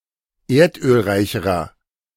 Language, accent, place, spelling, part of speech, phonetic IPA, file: German, Germany, Berlin, erdölreicherer, adjective, [ˈeːɐ̯tʔøːlˌʁaɪ̯çəʁɐ], De-erdölreicherer.ogg
- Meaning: inflection of erdölreich: 1. strong/mixed nominative masculine singular comparative degree 2. strong genitive/dative feminine singular comparative degree 3. strong genitive plural comparative degree